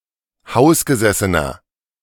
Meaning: inflection of hausgesessen: 1. strong/mixed nominative masculine singular 2. strong genitive/dative feminine singular 3. strong genitive plural
- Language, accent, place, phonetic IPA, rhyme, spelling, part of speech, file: German, Germany, Berlin, [ˈhaʊ̯sɡəˌzɛsənɐ], -aʊ̯sɡəzɛsənɐ, hausgesessener, adjective, De-hausgesessener.ogg